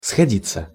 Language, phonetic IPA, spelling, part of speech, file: Russian, [sxɐˈdʲit͡sːə], сходиться, verb, Ru-сходиться.ogg
- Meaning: 1. to meet, to come together 2. to converge, to coalesce 3. to become friends; to become close or sexually intimate 4. to match, to tally, to harmonize, to agree 5. passive of сходи́ть (sxodítʹ)